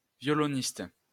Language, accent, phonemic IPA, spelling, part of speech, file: French, France, /vjɔ.lɔ.nist/, violoniste, noun, LL-Q150 (fra)-violoniste.wav
- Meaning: violinist